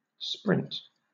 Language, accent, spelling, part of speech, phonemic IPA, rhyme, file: English, Southern England, sprint, noun / verb, /spɹɪnt/, -ɪnt, LL-Q1860 (eng)-sprint.wav
- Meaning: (noun) 1. A short race at top speed 2. A burst of speed or activity 3. In Agile software development, a period of development of a fixed time that is preceded and followed by meetings